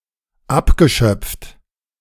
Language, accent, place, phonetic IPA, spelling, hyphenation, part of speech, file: German, Germany, Berlin, [ˈapɡəˌʃœp͡ft], abgeschöpft, ab‧ge‧schöpft, verb / adjective, De-abgeschöpft.ogg
- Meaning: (verb) past participle of abschöpfen; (adjective) skimmed